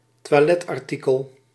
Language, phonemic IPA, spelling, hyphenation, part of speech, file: Dutch, /tʋaːˈlɛt.ɑrˌti.kəl/, toiletartikel, toi‧let‧ar‧ti‧kel, noun, Nl-toiletartikel.ogg
- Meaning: a toiletry, an item used for personal hygiene or grooming